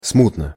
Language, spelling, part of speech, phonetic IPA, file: Russian, смутно, adverb, [ˈsmutnə], Ru-смутно.ogg
- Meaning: vaguely, unclearly